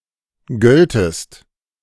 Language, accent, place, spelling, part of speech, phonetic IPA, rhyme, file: German, Germany, Berlin, göltest, verb, [ˈɡœltəst], -œltəst, De-göltest.ogg
- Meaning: second-person singular subjunctive II of gelten